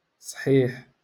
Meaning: 1. healthy 2. strong 3. correct
- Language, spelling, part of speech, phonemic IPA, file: Moroccan Arabic, صحيح, adjective, /sˤħiːħ/, LL-Q56426 (ary)-صحيح.wav